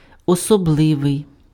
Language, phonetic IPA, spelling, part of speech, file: Ukrainian, [ɔsɔˈbɫɪʋei̯], особливий, adjective, Uk-особливий.ogg
- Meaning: special, particular